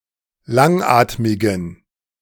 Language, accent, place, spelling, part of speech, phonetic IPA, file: German, Germany, Berlin, langatmigen, adjective, [ˈlaŋˌʔaːtmɪɡn̩], De-langatmigen.ogg
- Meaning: inflection of langatmig: 1. strong genitive masculine/neuter singular 2. weak/mixed genitive/dative all-gender singular 3. strong/weak/mixed accusative masculine singular 4. strong dative plural